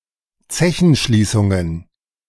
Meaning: plural of Zechenschließung
- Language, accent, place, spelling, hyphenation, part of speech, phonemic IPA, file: German, Germany, Berlin, Zechenschließungen, Ze‧chen‧schlie‧ßun‧gen, noun, /ˈt͡sɛçn̩ˌʃliːsʊŋən/, De-Zechenschließungen.ogg